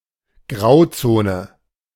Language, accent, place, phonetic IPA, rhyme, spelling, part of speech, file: German, Germany, Berlin, [ˈɡʁaʊ̯ˌt͡soːnə], -aʊ̯t͡soːnə, Grauzone, noun, De-Grauzone.ogg
- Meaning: gray area or twilight zone